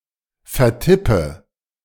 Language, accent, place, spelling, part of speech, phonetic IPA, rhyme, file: German, Germany, Berlin, vertippe, verb, [fɛɐ̯ˈtɪpə], -ɪpə, De-vertippe.ogg
- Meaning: inflection of vertippen: 1. first-person singular present 2. first/third-person singular subjunctive I 3. singular imperative